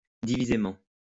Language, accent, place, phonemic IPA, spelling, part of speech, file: French, France, Lyon, /di.vi.ze.mɑ̃/, divisément, adverb, LL-Q150 (fra)-divisément.wav
- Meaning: separately